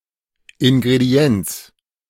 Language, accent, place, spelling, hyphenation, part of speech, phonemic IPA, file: German, Germany, Berlin, Ingredienz, In‧gre‧di‧enz, noun, /ˌɪnɡʁeˈdi̯ɛnt͡s/, De-Ingredienz.ogg
- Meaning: ingredient (one of the parts of a whole)